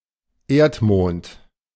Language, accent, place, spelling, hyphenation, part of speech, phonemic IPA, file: German, Germany, Berlin, Erdmond, Erd‧mond, proper noun, /ˈeːɐ̯tˌmoːnt/, De-Erdmond.ogg
- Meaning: the Moon (Luna)